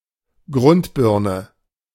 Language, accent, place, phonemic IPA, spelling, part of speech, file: German, Germany, Berlin, /ˈɡʁʊntˌbɪʁ.nə/, Grundbirne, noun, De-Grundbirne.ogg
- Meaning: potato